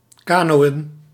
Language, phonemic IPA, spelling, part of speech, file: Dutch, /ˈkaː.noː.ə(n)/, kanoën, verb, Nl-kanoën.ogg
- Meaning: to sail in a canoe